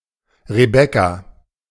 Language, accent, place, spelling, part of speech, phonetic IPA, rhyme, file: German, Germany, Berlin, Rebekka, proper noun, [ʁəˈbɛka], -ɛka, De-Rebekka.ogg
- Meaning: 1. Rebekah (biblical character) 2. a female given name from Biblical Hebrew, equivalent to English Rebecca; variant form Rebecca